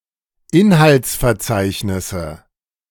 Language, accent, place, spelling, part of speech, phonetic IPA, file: German, Germany, Berlin, Inhaltsverzeichnisse, noun, [ˈɪnhalt͡sfɛɐ̯ˌt͡saɪ̯çnɪsə], De-Inhaltsverzeichnisse.ogg
- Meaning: nominative/accusative/genitive plural of Inhaltsverzeichnis